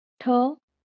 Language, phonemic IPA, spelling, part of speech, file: Marathi, /ʈʰə/, ठ, character, LL-Q1571 (mar)-ठ.wav
- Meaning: The eleventh consonant in Marathi